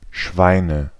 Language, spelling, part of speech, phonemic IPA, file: German, Schweine, noun, /ˈʃvaɪ̯nə/, De-Schweine.ogg
- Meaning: nominative/accusative/genitive plural of Schwein (“pig”)